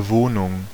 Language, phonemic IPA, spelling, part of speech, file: German, /ˈvoːnʊŋ/, Wohnung, noun, De-Wohnung.ogg
- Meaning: 1. domicile; dwelling; lodging; abode; accommodation (any place someone lives in for a span of time longer than a holiday) 2. flat; apartment (such a place when it occupies only part of a building)